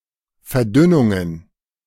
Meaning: plural of Verdünnung
- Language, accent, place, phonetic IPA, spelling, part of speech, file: German, Germany, Berlin, [fɛɐ̯ˈdʏnʊŋən], Verdünnungen, noun, De-Verdünnungen.ogg